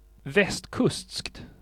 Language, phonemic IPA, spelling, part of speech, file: Swedish, /vɛsːtkɵstskt/, västkustskt, adjective, Sv-västkustskt.ogg
- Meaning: indefinite neuter singular of västkustsk